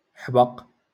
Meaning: 1. basil 2. vase
- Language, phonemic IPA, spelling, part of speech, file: Moroccan Arabic, /ħbaq/, حبق, noun, LL-Q56426 (ary)-حبق.wav